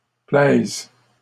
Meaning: third-person plural present indicative/subjunctive of plaire
- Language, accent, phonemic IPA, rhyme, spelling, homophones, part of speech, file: French, Canada, /plɛz/, -ɛz, plaisent, plaise / plaises, verb, LL-Q150 (fra)-plaisent.wav